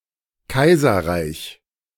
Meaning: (noun) empire (state ruled by an emperor); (proper noun) the Second Reich
- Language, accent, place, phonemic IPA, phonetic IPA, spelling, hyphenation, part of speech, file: German, Germany, Berlin, /ˈka͜izɐra͜iç/, [ˈkʰaɪzɐˌʁaɪç], Kaiserreich, Kai‧ser‧reich, noun / proper noun, De-Kaiserreich.ogg